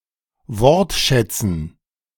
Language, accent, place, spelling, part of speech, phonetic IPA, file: German, Germany, Berlin, Wortschätzen, noun, [ˈvɔʁtˌʃɛt͡sn̩], De-Wortschätzen.ogg
- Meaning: dative plural of Wortschatz